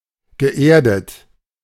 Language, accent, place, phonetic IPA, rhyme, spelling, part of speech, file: German, Germany, Berlin, [ɡəˈʔeːɐ̯dət], -eːɐ̯dət, geerdet, verb, De-geerdet.ogg
- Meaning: past participle of erden